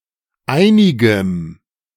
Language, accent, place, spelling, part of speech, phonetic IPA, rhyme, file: German, Germany, Berlin, einigem, adjective, [ˈaɪ̯nɪɡəm], -aɪ̯nɪɡəm, De-einigem.ogg
- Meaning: strong dative masculine/neuter singular of einig